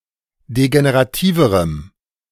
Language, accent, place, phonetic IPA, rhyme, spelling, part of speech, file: German, Germany, Berlin, [deɡeneʁaˈtiːvəʁəm], -iːvəʁəm, degenerativerem, adjective, De-degenerativerem.ogg
- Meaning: strong dative masculine/neuter singular comparative degree of degenerativ